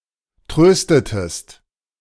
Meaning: inflection of trösten: 1. second-person singular preterite 2. second-person singular subjunctive II
- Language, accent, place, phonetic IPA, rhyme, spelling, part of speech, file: German, Germany, Berlin, [ˈtʁøːstətəst], -øːstətəst, tröstetest, verb, De-tröstetest.ogg